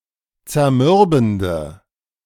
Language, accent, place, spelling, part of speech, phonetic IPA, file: German, Germany, Berlin, zermürbende, adjective, [t͡sɛɐ̯ˈmʏʁbn̩də], De-zermürbende.ogg
- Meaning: inflection of zermürbend: 1. strong/mixed nominative/accusative feminine singular 2. strong nominative/accusative plural 3. weak nominative all-gender singular